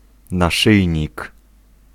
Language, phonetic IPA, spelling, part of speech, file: Polish, [naˈʃɨjɲik], naszyjnik, noun, Pl-naszyjnik.ogg